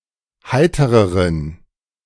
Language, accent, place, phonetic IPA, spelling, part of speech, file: German, Germany, Berlin, [ˈhaɪ̯təʁəʁən], heitereren, adjective, De-heitereren.ogg
- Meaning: inflection of heiter: 1. strong genitive masculine/neuter singular comparative degree 2. weak/mixed genitive/dative all-gender singular comparative degree